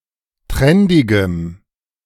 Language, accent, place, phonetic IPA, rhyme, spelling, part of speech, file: German, Germany, Berlin, [ˈtʁɛndɪɡəm], -ɛndɪɡəm, trendigem, adjective, De-trendigem.ogg
- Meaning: strong dative masculine/neuter singular of trendig